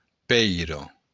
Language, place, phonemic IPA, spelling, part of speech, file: Occitan, Béarn, /ˈpɛj.ɾo/, pèira, noun, LL-Q14185 (oci)-pèira.wav
- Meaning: stone